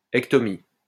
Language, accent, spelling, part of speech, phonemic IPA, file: French, France, -ectomie, suffix, /ɛk.tɔ.mi/, LL-Q150 (fra)--ectomie.wav
- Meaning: -ectomy